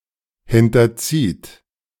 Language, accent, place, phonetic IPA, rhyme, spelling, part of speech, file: German, Germany, Berlin, [ˌhɪntɐˈt͡siːt], -iːt, hinterzieht, verb, De-hinterzieht.ogg
- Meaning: second-person plural present of hinterziehen